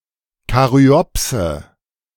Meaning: caryopsis (a type of fruit)
- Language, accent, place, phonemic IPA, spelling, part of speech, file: German, Germany, Berlin, /kaˈʁy̆ɔpsə/, Karyopse, noun, De-Karyopse.ogg